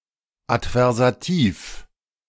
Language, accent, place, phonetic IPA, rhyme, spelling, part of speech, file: German, Germany, Berlin, [atvɛʁzaˈtiːf], -iːf, adversativ, adjective, De-adversativ.ogg
- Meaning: adversative